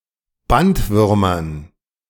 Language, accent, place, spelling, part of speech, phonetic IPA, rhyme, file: German, Germany, Berlin, Bandwürmern, noun, [ˈbantˌvʏʁmɐn], -antvʏʁmɐn, De-Bandwürmern.ogg
- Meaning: dative plural of Bandwurm